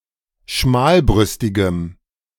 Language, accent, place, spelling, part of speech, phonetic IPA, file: German, Germany, Berlin, schmalbrüstigem, adjective, [ˈʃmaːlˌbʁʏstɪɡəm], De-schmalbrüstigem.ogg
- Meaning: strong dative masculine/neuter singular of schmalbrüstig